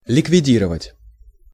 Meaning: 1. to eliminate, to abolish 2. to dissolve 3. to stamp out, to do away with, to destroy, to kill (off) 4. to liquidate
- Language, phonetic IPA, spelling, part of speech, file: Russian, [lʲɪkvʲɪˈdʲirəvətʲ], ликвидировать, verb, Ru-ликвидировать.ogg